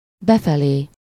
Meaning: inward
- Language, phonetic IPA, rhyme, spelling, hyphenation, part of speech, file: Hungarian, [ˈbɛfɛleː], -leː, befelé, be‧fe‧lé, adverb, Hu-befelé.ogg